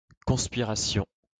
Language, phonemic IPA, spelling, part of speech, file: French, /kɔ̃s.pi.ʁa.sjɔ̃/, conspiration, noun, LL-Q150 (fra)-conspiration.wav
- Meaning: conspiracy (act of working in secret to obtain some goal)